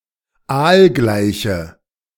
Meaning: inflection of aalgleich: 1. strong/mixed nominative/accusative feminine singular 2. strong nominative/accusative plural 3. weak nominative all-gender singular
- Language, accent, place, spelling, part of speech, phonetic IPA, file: German, Germany, Berlin, aalgleiche, adjective, [ˈaːlˌɡlaɪ̯çə], De-aalgleiche.ogg